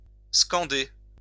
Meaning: 1. to scan 2. to chant (name, slogan etc.) 3. to enunciate (words) carefully; to articulate separately, accentuate 4. to emphasise (discourse, argument)
- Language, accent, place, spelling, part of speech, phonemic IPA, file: French, France, Lyon, scander, verb, /skɑ̃.de/, LL-Q150 (fra)-scander.wav